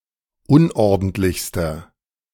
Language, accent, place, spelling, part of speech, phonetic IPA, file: German, Germany, Berlin, unordentlichster, adjective, [ˈʊnʔɔʁdn̩tlɪçstɐ], De-unordentlichster.ogg
- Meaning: inflection of unordentlich: 1. strong/mixed nominative masculine singular superlative degree 2. strong genitive/dative feminine singular superlative degree 3. strong genitive plural superlative degree